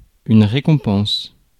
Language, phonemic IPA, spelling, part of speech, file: French, /ʁe.kɔ̃.pɑ̃s/, récompense, noun, Fr-récompense.ogg
- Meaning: 1. reward, recompense 2. prize, award